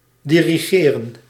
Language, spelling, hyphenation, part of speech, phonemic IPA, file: Dutch, dirigeren, di‧ri‧ge‧ren, verb, /diriˈɣeːrə(n)/, Nl-dirigeren.ogg
- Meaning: 1. to direct, to lead 2. to conduct, to musically direct an orchestra, choir or other ensemble 3. to address, to send (to) 4. to organize, to establish